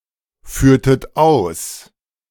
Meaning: inflection of ausführen: 1. second-person plural preterite 2. second-person plural subjunctive II
- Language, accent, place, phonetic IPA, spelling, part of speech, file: German, Germany, Berlin, [ˌfyːɐ̯tət ˈaʊ̯s], führtet aus, verb, De-führtet aus.ogg